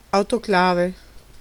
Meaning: autoclave
- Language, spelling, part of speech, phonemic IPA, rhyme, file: Italian, autoclave, noun, /ˌaw.toˈkla.ve/, -ave, It-autoclave.ogg